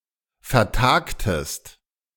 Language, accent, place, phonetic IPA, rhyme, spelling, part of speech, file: German, Germany, Berlin, [fɛɐ̯ˈtaːktəst], -aːktəst, vertagtest, verb, De-vertagtest.ogg
- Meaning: inflection of vertagen: 1. second-person singular preterite 2. second-person singular subjunctive II